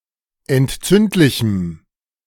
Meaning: strong dative masculine/neuter singular of entzündlich
- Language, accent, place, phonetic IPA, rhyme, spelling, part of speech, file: German, Germany, Berlin, [ɛntˈt͡sʏntlɪçm̩], -ʏntlɪçm̩, entzündlichem, adjective, De-entzündlichem.ogg